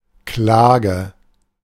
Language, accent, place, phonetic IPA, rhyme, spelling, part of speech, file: German, Germany, Berlin, [ˈklaːɡə], -aːɡə, Klage, noun, De-Klage.ogg
- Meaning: 1. complaint 2. lawsuit, action, charge